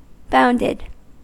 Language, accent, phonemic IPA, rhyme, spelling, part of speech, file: English, US, /ˈbaʊndɪd/, -aʊndɪd, bounded, verb / adjective, En-us-bounded.ogg
- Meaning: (verb) simple past and past participle of bound; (adjective) 1. That can be enclosed within a ball of finite radius 2. with bounded range 3. with bounded range when restricted to the unit ball